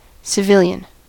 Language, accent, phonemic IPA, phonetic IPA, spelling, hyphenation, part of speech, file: English, US, /sɪˈvɪl.jən/, [sɪˈvɪl.jn̩], civilian, ci‧vil‧ian, noun / adjective, En-us-civilian.ogg
- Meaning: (noun) A person following the pursuits of civil life, especially one who is not an active member of the armed forces